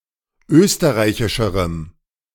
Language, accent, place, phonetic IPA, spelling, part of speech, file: German, Germany, Berlin, [ˈøːstəʁaɪ̯çɪʃəʁəm], österreichischerem, adjective, De-österreichischerem.ogg
- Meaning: strong dative masculine/neuter singular comparative degree of österreichisch